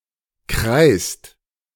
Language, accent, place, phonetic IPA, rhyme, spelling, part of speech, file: German, Germany, Berlin, [kʁaɪ̯st], -aɪ̯st, kreißt, verb, De-kreißt.ogg
- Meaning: inflection of kreißen: 1. second-person singular/plural present 2. third-person singular present 3. plural imperative